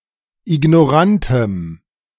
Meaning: strong dative masculine/neuter singular of ignorant
- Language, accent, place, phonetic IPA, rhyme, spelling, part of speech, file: German, Germany, Berlin, [ɪɡnɔˈʁantəm], -antəm, ignorantem, adjective, De-ignorantem.ogg